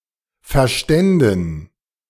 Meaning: first/third-person plural subjunctive II of verstehen
- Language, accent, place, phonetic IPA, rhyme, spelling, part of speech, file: German, Germany, Berlin, [fɛɐ̯ˈʃtɛndn̩], -ɛndn̩, verständen, verb, De-verständen.ogg